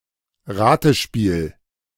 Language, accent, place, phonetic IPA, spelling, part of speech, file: German, Germany, Berlin, [ˈʁaːtəˌʃpiːl], Ratespiel, noun, De-Ratespiel.ogg
- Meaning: guessing game